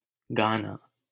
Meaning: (noun) song; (verb) to sing
- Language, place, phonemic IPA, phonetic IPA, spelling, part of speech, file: Hindi, Delhi, /ɡɑː.nɑː/, [ɡäː.näː], गाना, noun / verb, LL-Q1568 (hin)-गाना.wav